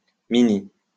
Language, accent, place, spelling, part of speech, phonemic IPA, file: French, France, Lyon, mini, adjective / adverb, /mi.ni/, LL-Q150 (fra)-mini.wav
- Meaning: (adjective) small; tiny; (adverb) minimum; minimally